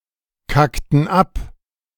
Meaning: inflection of abkacken: 1. first/third-person plural preterite 2. first/third-person plural subjunctive II
- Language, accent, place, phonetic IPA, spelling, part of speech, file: German, Germany, Berlin, [ˌkaktn̩ ˈap], kackten ab, verb, De-kackten ab.ogg